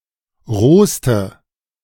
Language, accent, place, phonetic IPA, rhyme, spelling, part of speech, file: German, Germany, Berlin, [ˈʁoːstə], -oːstə, rohste, adjective, De-rohste.ogg
- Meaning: inflection of roh: 1. strong/mixed nominative/accusative feminine singular superlative degree 2. strong nominative/accusative plural superlative degree